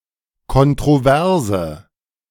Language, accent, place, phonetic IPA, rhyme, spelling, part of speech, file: German, Germany, Berlin, [kɔntʁoˈvɛʁzə], -ɛʁzə, kontroverse, adjective, De-kontroverse.ogg
- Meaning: inflection of kontrovers: 1. strong/mixed nominative/accusative feminine singular 2. strong nominative/accusative plural 3. weak nominative all-gender singular